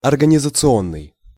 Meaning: organizational
- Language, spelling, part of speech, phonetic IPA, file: Russian, организационный, adjective, [ɐrɡənʲɪzət͡sɨˈonːɨj], Ru-организационный.ogg